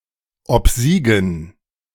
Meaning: to win
- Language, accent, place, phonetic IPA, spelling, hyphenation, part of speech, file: German, Germany, Berlin, [ɔpˈziːɡn̩], obsiegen, ob‧sie‧gen, verb, De-obsiegen.ogg